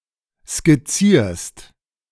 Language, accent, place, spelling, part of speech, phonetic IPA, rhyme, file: German, Germany, Berlin, skizzierst, verb, [skɪˈt͡siːɐ̯st], -iːɐ̯st, De-skizzierst.ogg
- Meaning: second-person singular present of skizzieren